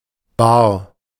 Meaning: 1. bar (desk) 2. night club (pub) 3. bar (unit of pressure) 4. cash
- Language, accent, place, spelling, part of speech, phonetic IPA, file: German, Germany, Berlin, Bar, noun, [baːɐ], De-Bar.ogg